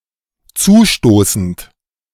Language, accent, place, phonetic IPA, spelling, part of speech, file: German, Germany, Berlin, [ˈt͡suːˌʃtoːsn̩t], zustoßend, verb, De-zustoßend.ogg
- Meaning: present participle of zustoßen